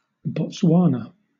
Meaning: A country in Southern Africa. Capital: Gaborone.: Bechuanaland, fully the Bechuanaland Protectorate, a colony of the United Kingdom from 1885 to 1966
- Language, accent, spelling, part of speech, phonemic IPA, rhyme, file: English, Southern England, Botswana, proper noun, /bɒtˈswɑːnə/, -ɑːnə, LL-Q1860 (eng)-Botswana.wav